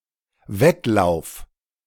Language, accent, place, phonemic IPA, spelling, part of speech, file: German, Germany, Berlin, /ˈvɛtˌlaʊ̯f/, Wettlauf, noun, De-Wettlauf.ogg
- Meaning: footrace